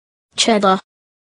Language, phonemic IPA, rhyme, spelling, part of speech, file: English, /ˈt͡ʃɛdə(ɹ)/, -ɛdə(ɹ), cheddar, noun / verb, En-cheddar.oga
- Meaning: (noun) 1. A cheese styled after the Cheddar cheese made in Cheddar 2. Money, cash, currency; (verb) To cut and press cheese so as to remove the whey and leave drier curds